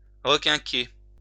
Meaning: to cheer up, to perk up, to give a pick-up
- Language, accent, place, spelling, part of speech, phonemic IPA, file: French, France, Lyon, requinquer, verb, /ʁə.kɛ̃.ke/, LL-Q150 (fra)-requinquer.wav